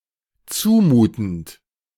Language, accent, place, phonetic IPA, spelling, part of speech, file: German, Germany, Berlin, [ˈt͡suːˌmuːtn̩t], zumutend, verb, De-zumutend.ogg
- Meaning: present participle of zumuten